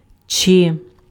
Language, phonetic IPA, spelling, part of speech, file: Ukrainian, [t͡ʃɪ], чи, particle / conjunction, Uk-чи.ogg
- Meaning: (particle) 1. interrogative particle: introduces a question 2. if, whether; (conjunction) or